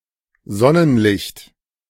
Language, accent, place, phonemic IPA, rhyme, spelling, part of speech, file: German, Germany, Berlin, /ˈzɔnənlɪçt/, -ɪçt, Sonnenlicht, noun, De-Sonnenlicht.ogg
- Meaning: sunlight